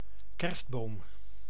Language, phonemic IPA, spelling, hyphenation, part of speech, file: Dutch, /ˈkɛrstˌboːm/, kerstboom, kerst‧boom, noun, Nl-kerstboom.ogg
- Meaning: 1. a Christmas tree, a decorated tree set up during the Christmas holiday season 2. a species or variety of conifer that is usually decorated in this way